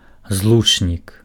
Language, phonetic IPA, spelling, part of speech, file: Belarusian, [ˈzɫut͡ʂnʲik], злучнік, noun, Be-злучнік.ogg
- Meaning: conjunction